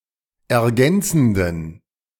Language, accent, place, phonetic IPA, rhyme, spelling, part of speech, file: German, Germany, Berlin, [ɛɐ̯ˈɡɛnt͡sn̩dən], -ɛnt͡sn̩dən, ergänzenden, adjective, De-ergänzenden.ogg
- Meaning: inflection of ergänzend: 1. strong genitive masculine/neuter singular 2. weak/mixed genitive/dative all-gender singular 3. strong/weak/mixed accusative masculine singular 4. strong dative plural